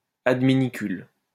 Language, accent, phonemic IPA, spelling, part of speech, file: French, France, /ad.mi.ni.kyl/, adminicule, noun, LL-Q150 (fra)-adminicule.wav
- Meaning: aid, auxiliary, assistant